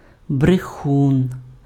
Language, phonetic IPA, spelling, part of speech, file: Ukrainian, [breˈxun], брехун, noun, Uk-брехун.ogg
- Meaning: liar